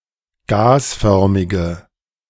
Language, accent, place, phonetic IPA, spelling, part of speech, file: German, Germany, Berlin, [ˈɡaːsˌfœʁmɪɡə], gasförmige, adjective, De-gasförmige.ogg
- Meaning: inflection of gasförmig: 1. strong/mixed nominative/accusative feminine singular 2. strong nominative/accusative plural 3. weak nominative all-gender singular